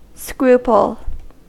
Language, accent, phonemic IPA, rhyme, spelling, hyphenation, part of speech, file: English, General American, /ˈskɹupəl/, -uːpəl, scruple, scru‧ple, noun / verb, En-us-scruple.ogg
- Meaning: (noun) Hesitation to act from the difficulty of determining what is right or expedient; doubt, hesitation or unwillingness due to motives of conscience; moral qualm